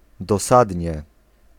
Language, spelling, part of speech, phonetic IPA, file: Polish, dosadnie, adverb, [dɔˈsadʲɲɛ], Pl-dosadnie.ogg